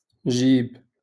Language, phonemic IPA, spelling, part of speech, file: Moroccan Arabic, /ʒiːb/, جيب, noun, LL-Q56426 (ary)-جيب.wav
- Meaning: pocket